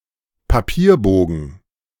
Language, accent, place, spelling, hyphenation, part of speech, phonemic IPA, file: German, Germany, Berlin, Papierbogen, Pa‧pier‧bo‧gen, noun, /paˈpiːɐ̯ˌboːɡn̩/, De-Papierbogen.ogg
- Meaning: sheet (of paper)